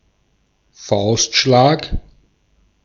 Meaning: punch
- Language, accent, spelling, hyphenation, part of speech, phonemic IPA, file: German, Austria, Faustschlag, Faust‧schlag, noun, /ˈfaʊ̯stˌʃlaːk/, De-at-Faustschlag.ogg